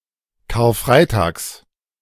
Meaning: genitive singular of Karfreitag
- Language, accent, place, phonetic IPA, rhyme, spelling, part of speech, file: German, Germany, Berlin, [kaːɐ̯ˈfʁaɪ̯taːks], -aɪ̯taːks, Karfreitags, noun, De-Karfreitags.ogg